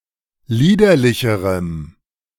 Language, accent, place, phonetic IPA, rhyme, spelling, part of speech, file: German, Germany, Berlin, [ˈliːdɐlɪçəʁəm], -iːdɐlɪçəʁəm, liederlicherem, adjective, De-liederlicherem.ogg
- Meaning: strong dative masculine/neuter singular comparative degree of liederlich